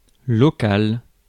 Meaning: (adjective) local; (noun) room
- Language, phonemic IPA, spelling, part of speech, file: French, /lɔ.kal/, local, adjective / noun, Fr-local.ogg